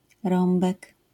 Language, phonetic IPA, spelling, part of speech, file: Polish, [ˈrɔ̃mbɛk], rąbek, noun, LL-Q809 (pol)-rąbek.wav